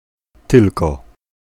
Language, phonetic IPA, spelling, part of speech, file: Polish, [ˈtɨlkɔ], tylko, particle / conjunction, Pl-tylko.ogg